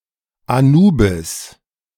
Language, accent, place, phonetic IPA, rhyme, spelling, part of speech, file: German, Germany, Berlin, [aˈnuːbɪs], -uːbɪs, Anubis, proper noun, De-Anubis.ogg
- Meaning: Anubis